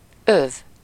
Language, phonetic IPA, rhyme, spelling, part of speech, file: Hungarian, [ˈøv], -øv, öv, noun, Hu-öv.ogg
- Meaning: belt (a band worn around the waist to hold clothing to one's body (usually pants) to serve as a decorative piece of clothing or keep it sufficiently tight)